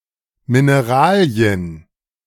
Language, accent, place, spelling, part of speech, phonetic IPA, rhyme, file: German, Germany, Berlin, Mineralien, noun, [mɪneˈʁaːli̯ən], -aːli̯ən, De-Mineralien.ogg
- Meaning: plural of Mineral